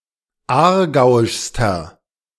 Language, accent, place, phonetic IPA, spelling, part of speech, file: German, Germany, Berlin, [ˈaːɐ̯ˌɡaʊ̯ɪʃstɐ], aargauischster, adjective, De-aargauischster.ogg
- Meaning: inflection of aargauisch: 1. strong/mixed nominative masculine singular superlative degree 2. strong genitive/dative feminine singular superlative degree 3. strong genitive plural superlative degree